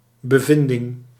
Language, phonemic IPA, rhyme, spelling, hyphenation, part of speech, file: Dutch, /bəˈvɪndɪŋ/, -ɪndɪŋ, bevinding, be‧vin‧ding, noun, Nl-bevinding.ogg
- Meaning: finding, discovery, observation